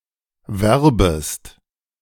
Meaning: second-person singular subjunctive I of werben
- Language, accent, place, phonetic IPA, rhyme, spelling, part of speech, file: German, Germany, Berlin, [ˈvɛʁbəst], -ɛʁbəst, werbest, verb, De-werbest.ogg